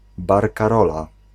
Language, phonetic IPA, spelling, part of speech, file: Polish, [ˌbarkaˈrɔla], barkarola, noun, Pl-barkarola.ogg